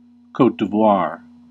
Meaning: A country in West Africa
- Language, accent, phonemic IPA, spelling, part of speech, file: English, US, /ˌkoʊt diˈvwɑɹ/, Côte d'Ivoire, proper noun, En-us-Côte d'Ivoire.ogg